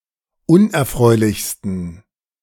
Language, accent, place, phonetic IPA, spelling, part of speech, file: German, Germany, Berlin, [ˈʊnʔɛɐ̯ˌfʁɔɪ̯lɪçstn̩], unerfreulichsten, adjective, De-unerfreulichsten.ogg
- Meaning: 1. superlative degree of unerfreulich 2. inflection of unerfreulich: strong genitive masculine/neuter singular superlative degree